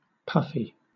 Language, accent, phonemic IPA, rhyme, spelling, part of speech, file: English, Southern England, /ˈpʌfi/, -ʌfi, puffy, adjective, LL-Q1860 (eng)-puffy.wav
- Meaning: 1. Swollen or inflated in shape, as if filled with air; pillow-like 2. Coming or exhaling in puffs 3. Speaking or writing in an exaggeratedly eloquent and self-important manner